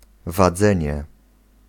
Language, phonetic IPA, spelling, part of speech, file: Polish, [vaˈd͡zɛ̃ɲɛ], wadzenie, noun, Pl-wadzenie.ogg